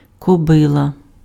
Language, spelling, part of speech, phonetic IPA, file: Ukrainian, кобила, noun, [kɔˈbɪɫɐ], Uk-кобила.ogg
- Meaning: mare